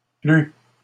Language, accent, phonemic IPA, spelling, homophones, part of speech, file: French, Canada, /ply/, plut, plu / plus / plût, verb, LL-Q150 (fra)-plut.wav
- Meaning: 1. third-person singular past historic of plaire 2. third-person singular past historic of pleuvoir